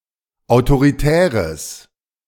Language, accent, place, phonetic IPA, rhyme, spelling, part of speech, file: German, Germany, Berlin, [aʊ̯toʁiˈtɛːʁəs], -ɛːʁəs, autoritäres, adjective, De-autoritäres.ogg
- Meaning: strong/mixed nominative/accusative neuter singular of autoritär